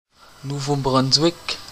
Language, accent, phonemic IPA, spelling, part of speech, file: French, Canada, /nu.vo.bʁɔn.zwɪk/, Nouveau-Brunswick, proper noun, Qc-Nouveau-Brunswick.oga
- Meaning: New Brunswick (a province in eastern Canada)